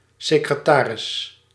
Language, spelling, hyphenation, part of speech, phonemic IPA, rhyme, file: Dutch, secretaris, se‧cre‧ta‧ris, noun, /sɪkrəˈtaːrɪs/, -aːrɪs, Nl-secretaris.ogg
- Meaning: 1. secretary 2. receptionist 3. secretary bird